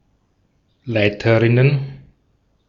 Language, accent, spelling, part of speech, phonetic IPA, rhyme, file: German, Austria, Leiterinnen, noun, [ˈlaɪ̯təʁɪnən], -aɪ̯təʁɪnən, De-at-Leiterinnen.ogg
- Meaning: plural of Leiterin